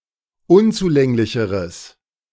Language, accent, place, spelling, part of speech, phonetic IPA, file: German, Germany, Berlin, unzulänglicheres, adjective, [ˈʊnt͡suˌlɛŋlɪçəʁəs], De-unzulänglicheres.ogg
- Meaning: strong/mixed nominative/accusative neuter singular comparative degree of unzulänglich